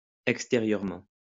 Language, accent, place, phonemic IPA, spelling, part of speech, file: French, France, Lyon, /ɛk.ste.ʁjœʁ.mɑ̃/, extérieurement, adverb, LL-Q150 (fra)-extérieurement.wav
- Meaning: outside; exterior